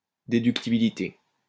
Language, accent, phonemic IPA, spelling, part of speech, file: French, France, /de.dyk.ti.bi.li.te/, déductibilité, noun, LL-Q150 (fra)-déductibilité.wav
- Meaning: deductibility